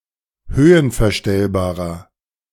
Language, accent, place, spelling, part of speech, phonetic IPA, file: German, Germany, Berlin, höhenverstellbarer, adjective, [ˈhøːənfɛɐ̯ˌʃtɛlbaːʁɐ], De-höhenverstellbarer.ogg
- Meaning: inflection of höhenverstellbar: 1. strong/mixed nominative masculine singular 2. strong genitive/dative feminine singular 3. strong genitive plural